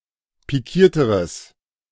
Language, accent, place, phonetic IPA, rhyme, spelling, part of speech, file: German, Germany, Berlin, [piˈkiːɐ̯təʁəs], -iːɐ̯təʁəs, pikierteres, adjective, De-pikierteres.ogg
- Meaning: strong/mixed nominative/accusative neuter singular comparative degree of pikiert